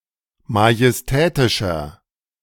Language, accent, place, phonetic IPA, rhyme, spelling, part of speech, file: German, Germany, Berlin, [majɛsˈtɛːtɪʃɐ], -ɛːtɪʃɐ, majestätischer, adjective, De-majestätischer.ogg
- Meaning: 1. comparative degree of majestätisch 2. inflection of majestätisch: strong/mixed nominative masculine singular 3. inflection of majestätisch: strong genitive/dative feminine singular